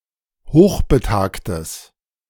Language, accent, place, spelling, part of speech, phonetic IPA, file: German, Germany, Berlin, hochbetagtes, adjective, [ˈhoːxbəˌtaːktəs], De-hochbetagtes.ogg
- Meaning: strong/mixed nominative/accusative neuter singular of hochbetagt